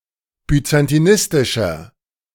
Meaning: inflection of byzantinistisch: 1. strong/mixed nominative masculine singular 2. strong genitive/dative feminine singular 3. strong genitive plural
- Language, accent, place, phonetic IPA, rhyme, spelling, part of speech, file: German, Germany, Berlin, [byt͡santiˈnɪstɪʃɐ], -ɪstɪʃɐ, byzantinistischer, adjective, De-byzantinistischer.ogg